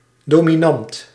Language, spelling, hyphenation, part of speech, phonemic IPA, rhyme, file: Dutch, dominant, do‧mi‧nant, adjective, /ˌdoː.miˈnɑnt/, -ɑnt, Nl-dominant.ogg
- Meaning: dominant